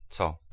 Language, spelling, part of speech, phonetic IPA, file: Polish, co, pronoun / preposition / interjection, [t͡sɔ], Pl-co.ogg